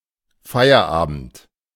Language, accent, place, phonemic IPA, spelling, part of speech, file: German, Germany, Berlin, /ˈfaɪ̯ərˌaːbənt/, Feierabend, noun, De-Feierabend.ogg
- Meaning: 1. The evening before a holiday, eve 2. Quitting time, hometime; the workday's end and the evening following it, used for relaxation or leisure